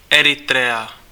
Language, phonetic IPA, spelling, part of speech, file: Czech, [ˈɛrɪtrɛa], Eritrea, proper noun, Cs-Eritrea.ogg
- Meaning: Eritrea (a country in East Africa, on the Red Sea)